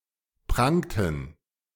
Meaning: inflection of prangen: 1. first/third-person plural preterite 2. first/third-person plural subjunctive II
- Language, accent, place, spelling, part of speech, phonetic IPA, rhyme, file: German, Germany, Berlin, prangten, verb, [ˈpʁaŋtn̩], -aŋtn̩, De-prangten.ogg